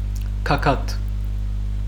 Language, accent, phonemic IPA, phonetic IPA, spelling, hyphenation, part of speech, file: Armenian, Western Armenian, /kɑˈkɑt/, [kʰɑkʰɑ́tʰ], գագաթ, գա‧գաթ, noun, HyW-գագաթ.ogg
- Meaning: 1. top, apex, summit, crest, peak 2. culmination point, height, summit, climax, peak 3. apex; vertex